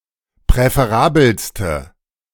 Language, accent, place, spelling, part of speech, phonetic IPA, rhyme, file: German, Germany, Berlin, präferabelste, adjective, [pʁɛfeˈʁaːbl̩stə], -aːbl̩stə, De-präferabelste.ogg
- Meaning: inflection of präferabel: 1. strong/mixed nominative/accusative feminine singular superlative degree 2. strong nominative/accusative plural superlative degree